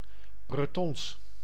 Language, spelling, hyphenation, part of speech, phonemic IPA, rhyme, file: Dutch, Bretons, Bre‧tons, adjective, /brəˈtɔns/, -ɔns, Nl-Bretons.ogg
- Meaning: Breton